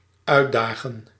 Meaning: to challenge
- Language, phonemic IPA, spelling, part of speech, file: Dutch, /ˈœy̯tˌdaːɣə(n)/, uitdagen, verb, Nl-uitdagen.ogg